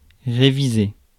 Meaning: to revise, review
- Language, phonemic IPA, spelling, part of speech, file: French, /ʁe.vi.ze/, réviser, verb, Fr-réviser.ogg